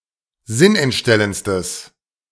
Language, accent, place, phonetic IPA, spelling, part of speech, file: German, Germany, Berlin, [ˈzɪnʔɛntˌʃtɛlənt͡stəs], sinnentstellendstes, adjective, De-sinnentstellendstes.ogg
- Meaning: strong/mixed nominative/accusative neuter singular superlative degree of sinnentstellend